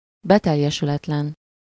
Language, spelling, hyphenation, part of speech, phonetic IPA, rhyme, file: Hungarian, beteljesületlen, be‧tel‧je‧sü‧let‧len, adjective, [ˈbɛtɛjːɛʃylɛtlɛn], -ɛn, Hu-beteljesületlen.ogg
- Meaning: unfulfilled